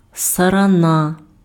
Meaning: locusts
- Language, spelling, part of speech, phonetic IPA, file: Ukrainian, сарана, noun, [sɐrɐˈna], Uk-сарана.ogg